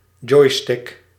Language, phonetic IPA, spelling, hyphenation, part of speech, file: Dutch, [ˈd͡ʒɔi̯.stɪk], joystick, joy‧stick, noun, Nl-joystick.ogg
- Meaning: 1. joystick (mechanical control device) 2. tiller extension (attachment to the tiller)